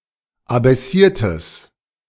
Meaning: strong/mixed nominative/accusative neuter singular of abaissiert
- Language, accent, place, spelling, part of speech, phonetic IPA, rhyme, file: German, Germany, Berlin, abaissiertes, adjective, [abɛˈsiːɐ̯təs], -iːɐ̯təs, De-abaissiertes.ogg